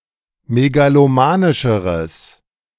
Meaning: strong/mixed nominative/accusative neuter singular comparative degree of megalomanisch
- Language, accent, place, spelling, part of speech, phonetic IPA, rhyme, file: German, Germany, Berlin, megalomanischeres, adjective, [meɡaloˈmaːnɪʃəʁəs], -aːnɪʃəʁəs, De-megalomanischeres.ogg